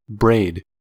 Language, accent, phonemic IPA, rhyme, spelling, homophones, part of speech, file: English, US, /bɹeɪd/, -eɪd, braid, brayed, verb / noun / adjective, En-us-braid.ogg
- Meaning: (verb) 1. To make a sudden movement with, to jerk 2. To start into motion 3. To weave together, intertwine (strands of fibers, ribbons, etc.); to arrange (hair) in braids